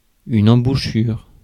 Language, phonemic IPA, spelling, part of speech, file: French, /ɑ̃.bu.ʃyʁ/, embouchure, noun, Fr-embouchure.ogg
- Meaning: 1. mouthpiece (of a musical instrument) 2. embouchure (of a wind instrument player) 3. mouth (of a river) 4. bit (horse controlling mechanism)